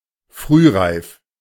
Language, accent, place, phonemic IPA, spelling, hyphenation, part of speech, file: German, Germany, Berlin, /ˈfʁyːˌʁaɪ̯f/, frühreif, früh‧reif, adjective, De-frühreif.ogg
- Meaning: 1. precocious, early 2. precocious, forward, advanced beyond one’s age